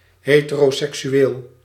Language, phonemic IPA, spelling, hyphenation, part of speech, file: Dutch, /ˌɦeː.tə.roː.sɛk.syˈeːl/, heteroseksueel, he‧te‧ro‧sek‧su‧eel, adjective / noun, Nl-heteroseksueel.ogg
- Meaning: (adjective) heterosexual; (noun) a heterosexual